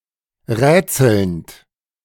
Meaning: present participle of rätseln
- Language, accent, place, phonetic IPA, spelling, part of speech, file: German, Germany, Berlin, [ˈʁɛːt͡sl̩nt], rätselnd, verb, De-rätselnd.ogg